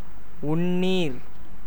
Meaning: drinking water (water that is suitable or intended for ingestion by humans: potable water)
- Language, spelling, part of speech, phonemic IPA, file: Tamil, உண்ணீர், noun, /ʊɳːiːɾ/, Ta-உண்ணீர்.ogg